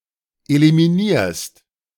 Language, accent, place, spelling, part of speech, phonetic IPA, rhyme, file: German, Germany, Berlin, eliminierst, verb, [elimiˈniːɐ̯st], -iːɐ̯st, De-eliminierst.ogg
- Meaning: second-person singular present of eliminieren